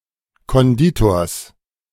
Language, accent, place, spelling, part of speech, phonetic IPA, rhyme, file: German, Germany, Berlin, Konditors, noun, [kɔnˈdiːtoːɐ̯s], -iːtoːɐ̯s, De-Konditors.ogg
- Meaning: genitive singular of Konditor